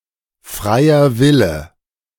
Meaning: free will
- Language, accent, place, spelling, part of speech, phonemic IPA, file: German, Germany, Berlin, freier Wille, noun, /ˈfʁaɪ̯ɐ ˈvɪlə/, De-freier Wille.ogg